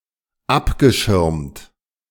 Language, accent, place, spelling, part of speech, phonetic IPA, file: German, Germany, Berlin, abgeschirmt, verb, [ˈapɡəˌʃɪʁmt], De-abgeschirmt.ogg
- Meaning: past participle of abschirmen